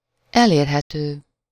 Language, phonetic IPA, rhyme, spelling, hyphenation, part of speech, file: Hungarian, [ˈɛleːrɦɛtøː], -tøː, elérhető, el‧ér‧he‧tő, adjective, Hu-elérhető.ogg
- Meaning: available, reachable